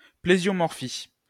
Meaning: plesiomorphy
- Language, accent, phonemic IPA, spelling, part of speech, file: French, France, /ple.zjɔ.mɔʁ.fi/, plésiomorphie, noun, LL-Q150 (fra)-plésiomorphie.wav